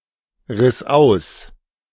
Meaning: first/third-person singular preterite of ausreißen
- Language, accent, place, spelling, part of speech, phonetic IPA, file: German, Germany, Berlin, riss aus, verb, [ʁɪs ˈaʊ̯s], De-riss aus.ogg